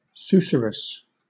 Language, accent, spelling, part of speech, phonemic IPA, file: English, Southern England, susurrus, noun, /ˈsuː.sə.ɹəs/, LL-Q1860 (eng)-susurrus.wav
- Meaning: A whispering or rustling sound; a murmur